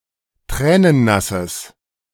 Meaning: strong/mixed nominative/accusative neuter singular of tränennass
- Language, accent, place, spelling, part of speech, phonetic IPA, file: German, Germany, Berlin, tränennasses, adjective, [ˈtʁɛːnənˌnasəs], De-tränennasses.ogg